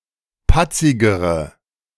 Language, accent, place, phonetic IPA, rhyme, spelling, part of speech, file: German, Germany, Berlin, [ˈpat͡sɪɡəʁə], -at͡sɪɡəʁə, patzigere, adjective, De-patzigere.ogg
- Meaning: inflection of patzig: 1. strong/mixed nominative/accusative feminine singular comparative degree 2. strong nominative/accusative plural comparative degree